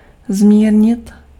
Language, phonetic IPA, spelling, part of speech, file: Czech, [ˈzmiːrɲɪt], zmírnit, verb, Cs-zmírnit.ogg
- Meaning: to reduce, slacken